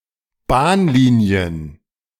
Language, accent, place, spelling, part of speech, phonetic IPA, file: German, Germany, Berlin, Bahnlinien, noun, [ˈbaːnˌliːni̯ən], De-Bahnlinien.ogg
- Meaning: plural of Bahnlinie